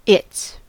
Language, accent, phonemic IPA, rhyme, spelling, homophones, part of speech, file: English, US, /ɪts/, -ɪts, it's, its, contraction / determiner, En-us-it's.ogg
- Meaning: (contraction) 1. Contraction of it + is 2. Contraction of it + has 3. Contraction of it + was 4. There's, there is; there're, there are; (determiner) 1. Obsolete form of its 2. Misspelling of its